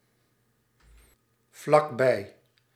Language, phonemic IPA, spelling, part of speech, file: Dutch, /vlɑɡˈbɛi/, vlakbij, adverb, Nl-vlakbij.ogg
- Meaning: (adverb) very near; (preposition) very near, close to